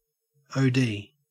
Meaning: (noun) 1. Initialism of overdose 2. Initialism of Doctor of Optometry 3. Initialism of overdrive 4. Initialism of overdraft 5. Initialism of optical density
- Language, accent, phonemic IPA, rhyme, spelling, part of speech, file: English, Australia, /ˌoʊˈdiː/, -iː, OD, noun / verb / proper noun, En-au-OD.ogg